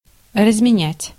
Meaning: 1. to change, to break (money for lesser units) 2. to exchange 3. to live to certain age
- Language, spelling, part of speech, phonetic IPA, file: Russian, разменять, verb, [rəzmʲɪˈnʲætʲ], Ru-разменять.ogg